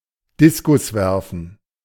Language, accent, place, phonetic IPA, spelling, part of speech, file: German, Germany, Berlin, [ˈdɪskʊsˌvɛʁfən], Diskuswerfen, noun, De-Diskuswerfen.ogg
- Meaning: discus throw